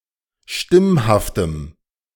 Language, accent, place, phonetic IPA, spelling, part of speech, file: German, Germany, Berlin, [ˈʃtɪmhaftəm], stimmhaftem, adjective, De-stimmhaftem.ogg
- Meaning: strong dative masculine/neuter singular of stimmhaft